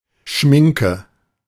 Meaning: make-up
- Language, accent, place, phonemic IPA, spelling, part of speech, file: German, Germany, Berlin, /ˈʃmɪŋkə/, Schminke, noun, De-Schminke.ogg